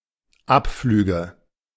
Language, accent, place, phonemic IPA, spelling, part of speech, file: German, Germany, Berlin, /ˈʔapˌflyːɡə/, Abflüge, noun, De-Abflüge.ogg
- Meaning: nominative/accusative/genitive plural of Abflug